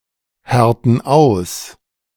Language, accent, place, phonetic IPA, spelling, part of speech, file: German, Germany, Berlin, [ˌhɛʁtn̩ ˈaʊ̯s], härten aus, verb, De-härten aus.ogg
- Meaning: inflection of aushärten: 1. first/third-person plural present 2. first/third-person plural subjunctive I